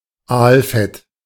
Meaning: eel fat
- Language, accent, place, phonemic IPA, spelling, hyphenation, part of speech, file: German, Germany, Berlin, /ˈaːlˌfɛt/, Aalfett, Aal‧fett, noun, De-Aalfett.ogg